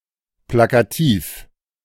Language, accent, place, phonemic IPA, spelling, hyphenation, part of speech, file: German, Germany, Berlin, /ˌplakaˈtiːf/, plakativ, pla‧ka‧tiv, adjective, De-plakativ.ogg
- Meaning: graphic, slogan-like